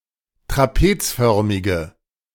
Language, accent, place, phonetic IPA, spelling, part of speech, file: German, Germany, Berlin, [tʁaˈpeːt͡sˌfœʁmɪɡə], trapezförmige, adjective, De-trapezförmige.ogg
- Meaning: inflection of trapezförmig: 1. strong/mixed nominative/accusative feminine singular 2. strong nominative/accusative plural 3. weak nominative all-gender singular